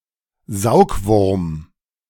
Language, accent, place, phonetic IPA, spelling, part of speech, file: German, Germany, Berlin, [ˈzaʊ̯kˌvʊʁm], Saugwurm, noun, De-Saugwurm.ogg
- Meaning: fluke (parasitic flatworm)